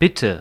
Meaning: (adverb) please, if you please (used to make a polite request or affirm an offer); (interjection) 1. you're welcome (acknowledgement of thanks) 2. excuse me, sorry (request to repeat information)
- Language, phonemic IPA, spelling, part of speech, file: German, /ˈbɪtə/, bitte, adverb / interjection / verb, De-bitte.ogg